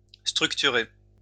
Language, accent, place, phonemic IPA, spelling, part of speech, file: French, France, Lyon, /stʁyk.ty.ʁe/, structurer, verb, LL-Q150 (fra)-structurer.wav
- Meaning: to structure